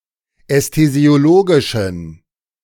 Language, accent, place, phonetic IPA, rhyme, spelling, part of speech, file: German, Germany, Berlin, [ɛstezi̯oˈloːɡɪʃn̩], -oːɡɪʃn̩, ästhesiologischen, adjective, De-ästhesiologischen.ogg
- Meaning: inflection of ästhesiologisch: 1. strong genitive masculine/neuter singular 2. weak/mixed genitive/dative all-gender singular 3. strong/weak/mixed accusative masculine singular 4. strong dative plural